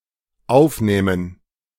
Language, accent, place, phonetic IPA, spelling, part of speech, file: German, Germany, Berlin, [ˈaʊ̯fˌnɛːmən], aufnähmen, verb, De-aufnähmen.ogg
- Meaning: first/third-person plural dependent subjunctive II of aufnehmen